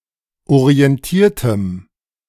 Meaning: strong dative masculine/neuter singular of orientiert
- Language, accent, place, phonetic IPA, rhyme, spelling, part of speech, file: German, Germany, Berlin, [oʁiɛnˈtiːɐ̯təm], -iːɐ̯təm, orientiertem, adjective, De-orientiertem.ogg